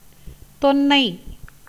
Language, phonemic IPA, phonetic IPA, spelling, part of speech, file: Tamil, /t̪onːɐɪ̯/, [t̪o̞nːɐɪ̯], தொன்னை, noun, Ta-தொன்னை.ogg
- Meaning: a cup made of plantain or any other leaf